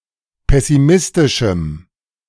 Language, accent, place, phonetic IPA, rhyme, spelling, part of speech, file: German, Germany, Berlin, [ˌpɛsiˈmɪstɪʃm̩], -ɪstɪʃm̩, pessimistischem, adjective, De-pessimistischem.ogg
- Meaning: strong dative masculine/neuter singular of pessimistisch